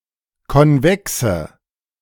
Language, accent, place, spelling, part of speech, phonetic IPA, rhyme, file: German, Germany, Berlin, konvexe, adjective, [kɔnˈvɛksə], -ɛksə, De-konvexe.ogg
- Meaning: inflection of konvex: 1. strong/mixed nominative/accusative feminine singular 2. strong nominative/accusative plural 3. weak nominative all-gender singular 4. weak accusative feminine/neuter singular